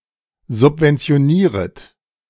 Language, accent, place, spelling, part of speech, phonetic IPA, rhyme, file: German, Germany, Berlin, subventionieret, verb, [zʊpvɛnt͡si̯oˈniːʁət], -iːʁət, De-subventionieret.ogg
- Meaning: second-person plural subjunctive I of subventionieren